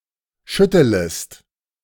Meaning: second-person singular subjunctive I of schütteln
- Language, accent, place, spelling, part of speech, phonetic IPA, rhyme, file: German, Germany, Berlin, schüttelest, verb, [ˈʃʏtələst], -ʏtələst, De-schüttelest.ogg